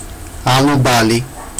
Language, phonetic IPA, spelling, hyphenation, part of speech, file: Georgian, [äɫubäli], ალუბალი, ალუ‧ბა‧ლი, noun, Ka-alubali.ogg
- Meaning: sour cherry